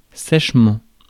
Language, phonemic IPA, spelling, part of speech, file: French, /sɛʃ.mɑ̃/, sèchement, adverb, Fr-sèchement.ogg
- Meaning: 1. dryly 2. sharply; curtly; shortly